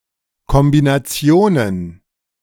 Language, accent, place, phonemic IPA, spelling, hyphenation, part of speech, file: German, Germany, Berlin, /ˌkɔmbinaˈt͡si̯oːnən/, Kombinationen, Kom‧bi‧na‧ti‧o‧nen, noun, De-Kombinationen.ogg
- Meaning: plural of Kombination